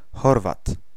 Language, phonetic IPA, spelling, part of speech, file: Polish, [ˈxɔrvat], Chorwat, noun, Pl-Chorwat.ogg